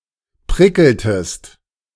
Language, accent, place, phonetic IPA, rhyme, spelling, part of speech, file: German, Germany, Berlin, [ˈpʁɪkl̩təst], -ɪkl̩təst, prickeltest, verb, De-prickeltest.ogg
- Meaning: inflection of prickeln: 1. second-person singular preterite 2. second-person singular subjunctive II